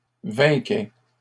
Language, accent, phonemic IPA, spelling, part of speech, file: French, Canada, /vɛ̃.kɛ/, vainquais, verb, LL-Q150 (fra)-vainquais.wav
- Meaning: first/second-person singular imperfect indicative of vaincre